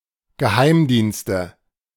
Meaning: nominative/accusative/genitive plural of Geheimdienst: 1. several intelligence agencies 2. intelligence community
- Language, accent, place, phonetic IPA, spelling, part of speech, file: German, Germany, Berlin, [ɡəˈhaɪ̯mˌdiːnstə], Geheimdienste, noun, De-Geheimdienste.ogg